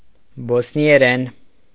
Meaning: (noun) Bosnian (the standardized variety of Serbo-Croatian); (adverb) in Bosnian; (adjective) Bosnian (of or pertaining to the standardized variety of Serbo-Croatian)
- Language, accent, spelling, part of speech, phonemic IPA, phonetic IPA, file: Armenian, Eastern Armenian, բոսնիերեն, noun / adverb / adjective, /bosnieˈɾen/, [bosni(j)eɾén], Hy-բոսնիերեն.ogg